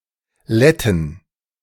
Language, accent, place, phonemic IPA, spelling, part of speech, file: German, Germany, Berlin, /ˈlɛ.tn̩/, Letten, noun, De-Letten.ogg
- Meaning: 1. loam, clay 2. mud, muck 3. accusative singular of Lette 4. dative singular of Lette 5. genitive singular of Lette 6. plural of Lette